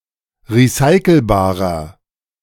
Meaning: inflection of recyclebar: 1. strong/mixed nominative masculine singular 2. strong genitive/dative feminine singular 3. strong genitive plural
- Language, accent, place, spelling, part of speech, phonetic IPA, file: German, Germany, Berlin, recyclebarer, adjective, [ʁiˈsaɪ̯kl̩baːʁɐ], De-recyclebarer.ogg